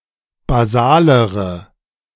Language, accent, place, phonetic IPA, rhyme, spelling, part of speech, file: German, Germany, Berlin, [baˈzaːləʁə], -aːləʁə, basalere, adjective, De-basalere.ogg
- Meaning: inflection of basal: 1. strong/mixed nominative/accusative feminine singular comparative degree 2. strong nominative/accusative plural comparative degree